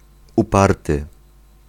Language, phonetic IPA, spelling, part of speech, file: Polish, [uˈpartɨ], uparty, adjective, Pl-uparty.ogg